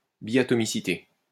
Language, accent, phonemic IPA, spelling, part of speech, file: French, France, /bi.a.tɔ.mi.si.te/, biatomicité, noun, LL-Q150 (fra)-biatomicité.wav
- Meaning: diatomicity